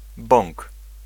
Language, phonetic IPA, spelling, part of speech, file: Polish, [bɔ̃ŋk], bąk, noun, Pl-bąk.ogg